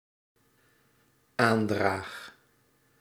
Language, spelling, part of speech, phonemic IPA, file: Dutch, aandraag, verb, /ˈandrax/, Nl-aandraag.ogg
- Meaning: first-person singular dependent-clause present indicative of aandragen